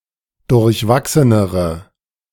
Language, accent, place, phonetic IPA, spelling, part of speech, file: German, Germany, Berlin, [dʊʁçˈvaksənəʁə], durchwachsenere, adjective, De-durchwachsenere.ogg
- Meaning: inflection of durchwachsen: 1. strong/mixed nominative/accusative feminine singular comparative degree 2. strong nominative/accusative plural comparative degree